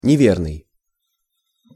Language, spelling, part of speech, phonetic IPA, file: Russian, неверный, adjective / noun, [nʲɪˈvʲernɨj], Ru-неверный.ogg
- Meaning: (adjective) 1. incorrect (erroneous) 2. unfaithful 3. unsteady (e.g. gait); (noun) infidel